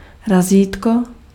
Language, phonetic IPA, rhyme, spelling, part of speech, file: Czech, [ˈraziːtko], -iːtko, razítko, noun, Cs-razítko.ogg
- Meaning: rubber stamp (device)